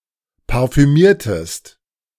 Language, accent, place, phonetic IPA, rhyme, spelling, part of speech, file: German, Germany, Berlin, [paʁfyˈmiːɐ̯təst], -iːɐ̯təst, parfümiertest, verb, De-parfümiertest.ogg
- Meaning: inflection of parfümieren: 1. second-person singular preterite 2. second-person singular subjunctive II